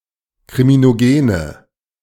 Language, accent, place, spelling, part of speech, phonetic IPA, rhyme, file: German, Germany, Berlin, kriminogene, adjective, [kʁiminoˈɡeːnə], -eːnə, De-kriminogene.ogg
- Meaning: inflection of kriminogen: 1. strong/mixed nominative/accusative feminine singular 2. strong nominative/accusative plural 3. weak nominative all-gender singular